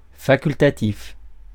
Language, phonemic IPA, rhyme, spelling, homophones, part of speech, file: French, /fa.kyl.ta.tif/, -if, facultatif, facultatifs, adjective, Fr-facultatif.ogg
- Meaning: optional, elective; not mandatory; facultative